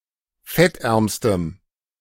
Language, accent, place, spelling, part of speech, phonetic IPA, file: German, Germany, Berlin, fettärmstem, adjective, [ˈfɛtˌʔɛʁmstəm], De-fettärmstem.ogg
- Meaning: strong dative masculine/neuter singular superlative degree of fettarm